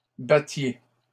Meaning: inflection of battre: 1. second-person plural imperfect indicative 2. second-person plural present subjunctive
- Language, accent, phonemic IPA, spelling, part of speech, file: French, Canada, /ba.tje/, battiez, verb, LL-Q150 (fra)-battiez.wav